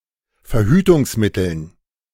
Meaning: dative plural of Verhütungsmittel
- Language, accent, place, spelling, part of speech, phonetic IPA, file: German, Germany, Berlin, Verhütungsmitteln, noun, [fɛɐ̯ˈhyːtʊŋsˌmɪtl̩n], De-Verhütungsmitteln.ogg